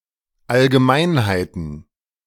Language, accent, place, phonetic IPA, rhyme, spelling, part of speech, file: German, Germany, Berlin, [alɡəˈmaɪ̯nhaɪ̯tn̩], -aɪ̯nhaɪ̯tn̩, Allgemeinheiten, noun, De-Allgemeinheiten.ogg
- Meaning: plural of Allgemeinheit